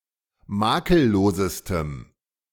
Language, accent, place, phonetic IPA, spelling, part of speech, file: German, Germany, Berlin, [ˈmaːkəlˌloːzəstəm], makellosestem, adjective, De-makellosestem.ogg
- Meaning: strong dative masculine/neuter singular superlative degree of makellos